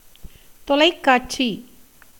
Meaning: 1. television (all senses) 2. regional television broadcasted from Madras (Chennai) as opposed to the national feed from Delhi, when public broadcaster Doordarshan was the only television provider
- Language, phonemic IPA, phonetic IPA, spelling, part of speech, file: Tamil, /t̪olɐɪ̯kːɑːʈtʃiː/, [t̪o̞lɐɪ̯kːäːʈsiː], தொலைக்காட்சி, noun, Ta-தொலைக்காட்சி.ogg